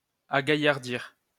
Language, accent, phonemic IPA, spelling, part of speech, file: French, France, /a.ɡa.jaʁ.diʁ/, agaillardir, verb, LL-Q150 (fra)-agaillardir.wav
- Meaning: 1. to render more lively, strong 2. to become more lively, to excite oneself into a frenzy